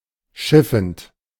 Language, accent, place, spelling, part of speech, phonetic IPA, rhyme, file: German, Germany, Berlin, schiffend, verb, [ˈʃɪfn̩t], -ɪfn̩t, De-schiffend.ogg
- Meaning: present participle of schiffen